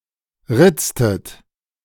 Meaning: inflection of ritzen: 1. second-person plural preterite 2. second-person plural subjunctive II
- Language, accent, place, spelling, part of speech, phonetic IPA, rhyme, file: German, Germany, Berlin, ritztet, verb, [ˈʁɪt͡stət], -ɪt͡stət, De-ritztet.ogg